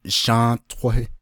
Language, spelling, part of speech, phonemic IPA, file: Navajo, Shą́ą́ʼtóhí, proper noun, /ʃɑ̃́ːʔtʰóhɪ́/, Nv-Shą́ą́ʼtóhí.ogg
- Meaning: Shonto (a census-designated place in Arizona, United States)